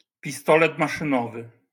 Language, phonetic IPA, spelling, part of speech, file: Polish, [pʲiˈstɔlɛt ˌmaʃɨ̃ˈnɔvɨ], pistolet maszynowy, noun, LL-Q809 (pol)-pistolet maszynowy.wav